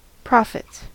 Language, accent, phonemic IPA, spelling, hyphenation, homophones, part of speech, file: English, US, /ˈpɹɑfɪts/, profits, prof‧its, prophets, noun / verb, En-us-profits.ogg
- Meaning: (noun) plural of profit; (verb) third-person singular simple present indicative of profit